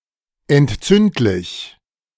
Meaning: 1. inflammable / flammable 2. inflammatory
- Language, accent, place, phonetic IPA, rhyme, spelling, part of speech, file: German, Germany, Berlin, [ɛntˈt͡sʏntlɪç], -ʏntlɪç, entzündlich, adjective, De-entzündlich.ogg